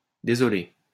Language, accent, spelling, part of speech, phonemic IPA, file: French, France, dsl, interjection, /de.zɔ.le/, LL-Q150 (fra)-dsl.wav
- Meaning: abbreviation of désolé (“sorry”); sry